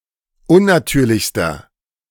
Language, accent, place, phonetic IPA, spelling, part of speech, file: German, Germany, Berlin, [ˈʊnnaˌtyːɐ̯lɪçstɐ], unnatürlichster, adjective, De-unnatürlichster.ogg
- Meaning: inflection of unnatürlich: 1. strong/mixed nominative masculine singular superlative degree 2. strong genitive/dative feminine singular superlative degree 3. strong genitive plural superlative degree